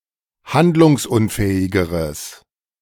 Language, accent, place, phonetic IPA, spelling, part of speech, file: German, Germany, Berlin, [ˈhandlʊŋsˌʔʊnfɛːɪɡəʁəs], handlungsunfähigeres, adjective, De-handlungsunfähigeres.ogg
- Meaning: strong/mixed nominative/accusative neuter singular comparative degree of handlungsunfähig